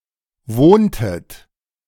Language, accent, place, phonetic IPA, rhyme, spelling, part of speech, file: German, Germany, Berlin, [ˈvoːntət], -oːntət, wohntet, verb, De-wohntet.ogg
- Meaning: inflection of wohnen: 1. second-person plural preterite 2. second-person plural subjunctive II